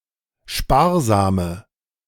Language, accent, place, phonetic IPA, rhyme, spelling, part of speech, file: German, Germany, Berlin, [ˈʃpaːɐ̯ˌzaːmə], -aːɐ̯zaːmə, sparsame, adjective, De-sparsame.ogg
- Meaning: inflection of sparsam: 1. strong/mixed nominative/accusative feminine singular 2. strong nominative/accusative plural 3. weak nominative all-gender singular 4. weak accusative feminine/neuter singular